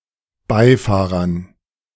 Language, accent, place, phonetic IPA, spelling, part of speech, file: German, Germany, Berlin, [ˈbaɪ̯ˌfaːʁɐn], Beifahrern, noun, De-Beifahrern.ogg
- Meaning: dative plural of Beifahrer